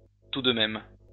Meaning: 1. similarly, likewise 2. all the same, anyway, nevertheless 3. finally; about time
- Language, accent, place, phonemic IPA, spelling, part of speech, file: French, France, Lyon, /tu d(ə) mɛm/, tout de même, adverb, LL-Q150 (fra)-tout de même.wav